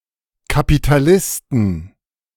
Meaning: inflection of Kapitalist: 1. genitive/dative/accusative singular 2. nominative/genitive/dative/accusative plural
- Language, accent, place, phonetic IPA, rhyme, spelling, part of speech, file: German, Germany, Berlin, [kapitaˈlɪstn̩], -ɪstn̩, Kapitalisten, noun, De-Kapitalisten.ogg